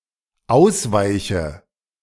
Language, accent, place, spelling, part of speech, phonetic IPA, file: German, Germany, Berlin, ausweiche, verb, [ˈaʊ̯sˌvaɪ̯çə], De-ausweiche.ogg
- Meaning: inflection of ausweichen: 1. first-person singular dependent present 2. first/third-person singular dependent subjunctive I